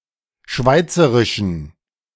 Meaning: inflection of schweizerisch: 1. strong genitive masculine/neuter singular 2. weak/mixed genitive/dative all-gender singular 3. strong/weak/mixed accusative masculine singular 4. strong dative plural
- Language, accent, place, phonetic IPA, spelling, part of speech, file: German, Germany, Berlin, [ˈʃvaɪ̯t͡səʁɪʃn̩], schweizerischen, adjective, De-schweizerischen.ogg